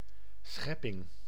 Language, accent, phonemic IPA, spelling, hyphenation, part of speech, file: Dutch, Netherlands, /ˈsxɛ.pɪŋ/, schepping, schep‧ping, noun, Nl-schepping.ogg
- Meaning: 1. an act of physical creation and/or mental creativity 2. its result, compare schepsel 'creature' 3. (e.g. Biblical) the supernatural start of all which exists